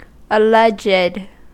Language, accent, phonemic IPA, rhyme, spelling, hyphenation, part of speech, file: English, US, /əˈlɛdʒd/, -ɛdʒd, alleged, al‧leged, verb / adjective, En-us-alleged.ogg
- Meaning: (verb) simple past and past participle of allege; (adjective) Asserted (or supposed), but not proved